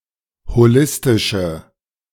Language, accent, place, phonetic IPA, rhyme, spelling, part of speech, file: German, Germany, Berlin, [hoˈlɪstɪʃə], -ɪstɪʃə, holistische, adjective, De-holistische.ogg
- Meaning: inflection of holistisch: 1. strong/mixed nominative/accusative feminine singular 2. strong nominative/accusative plural 3. weak nominative all-gender singular